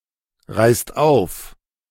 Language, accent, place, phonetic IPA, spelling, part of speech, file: German, Germany, Berlin, [ˌʁaɪ̯st ˈaʊ̯f], reißt auf, verb, De-reißt auf.ogg
- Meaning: inflection of aufreißen: 1. second-person plural present 2. plural imperative